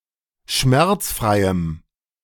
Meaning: strong dative masculine/neuter singular of schmerzfrei
- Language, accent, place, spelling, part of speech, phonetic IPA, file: German, Germany, Berlin, schmerzfreiem, adjective, [ˈʃmɛʁt͡sˌfʁaɪ̯əm], De-schmerzfreiem.ogg